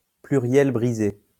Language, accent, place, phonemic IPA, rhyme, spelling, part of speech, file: French, France, Lyon, /ply.ʁjɛl bʁi.ze/, -e, pluriel brisé, noun, LL-Q150 (fra)-pluriel brisé.wav
- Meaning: broken plural